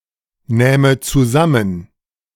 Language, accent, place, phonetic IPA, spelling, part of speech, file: German, Germany, Berlin, [ˌnɛːmə t͡suˈzamən], nähme zusammen, verb, De-nähme zusammen.ogg
- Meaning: first/third-person singular subjunctive II of zusammennehmen